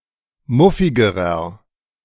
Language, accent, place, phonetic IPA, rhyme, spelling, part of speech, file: German, Germany, Berlin, [ˈmʊfɪɡəʁɐ], -ʊfɪɡəʁɐ, muffigerer, adjective, De-muffigerer.ogg
- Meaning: inflection of muffig: 1. strong/mixed nominative masculine singular comparative degree 2. strong genitive/dative feminine singular comparative degree 3. strong genitive plural comparative degree